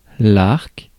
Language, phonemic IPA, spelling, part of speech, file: French, /aʁk/, arc, noun, Fr-arc.ogg
- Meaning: 1. bow (weapon) 2. arc (curve) 3. arc, circular arc, circle segment 4. arch 5. story arc